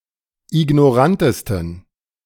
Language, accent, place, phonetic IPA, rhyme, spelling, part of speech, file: German, Germany, Berlin, [ɪɡnɔˈʁantəstn̩], -antəstn̩, ignorantesten, adjective, De-ignorantesten.ogg
- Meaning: 1. superlative degree of ignorant 2. inflection of ignorant: strong genitive masculine/neuter singular superlative degree